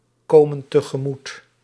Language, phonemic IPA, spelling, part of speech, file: Dutch, /ˈkomə(n) təɣəˈmut/, komen tegemoet, verb, Nl-komen tegemoet.ogg
- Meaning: inflection of tegemoetkomen: 1. plural present indicative 2. plural present subjunctive